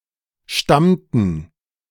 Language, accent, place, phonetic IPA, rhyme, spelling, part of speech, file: German, Germany, Berlin, [ˈʃtamtn̩], -amtn̩, stammten, verb, De-stammten.ogg
- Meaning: inflection of stammen: 1. first/third-person plural preterite 2. first/third-person plural subjunctive II